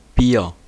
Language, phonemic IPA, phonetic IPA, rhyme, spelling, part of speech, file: German, /biːr/, [biːɐ̯], -iːɐ̯, Bier, noun, De-Bier.ogg
- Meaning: 1. beer (alcoholic beverage fermented from starch material; a serving of this beverage) 2. business, beeswax (personal affairs)